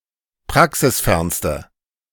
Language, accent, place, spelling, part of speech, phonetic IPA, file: German, Germany, Berlin, praxisfernste, adjective, [ˈpʁaksɪsˌfɛʁnstə], De-praxisfernste.ogg
- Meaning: inflection of praxisfern: 1. strong/mixed nominative/accusative feminine singular superlative degree 2. strong nominative/accusative plural superlative degree